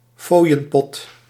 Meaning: a tip jar
- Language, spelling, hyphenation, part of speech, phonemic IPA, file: Dutch, fooienpot, fooi‧en‧pot, noun, /ˈfoːi̯.ə(n)ˌpɔt/, Nl-fooienpot.ogg